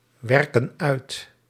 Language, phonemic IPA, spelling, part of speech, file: Dutch, /ˈwɛrkə(n) ˈœyt/, werken uit, verb, Nl-werken uit.ogg
- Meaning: inflection of uitwerken: 1. plural present indicative 2. plural present subjunctive